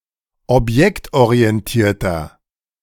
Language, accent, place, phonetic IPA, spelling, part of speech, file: German, Germany, Berlin, [ɔpˈjɛktʔoʁiɛnˌtiːɐ̯tɐ], objektorientierter, adjective, De-objektorientierter.ogg
- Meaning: 1. comparative degree of objektorientiert 2. inflection of objektorientiert: strong/mixed nominative masculine singular 3. inflection of objektorientiert: strong genitive/dative feminine singular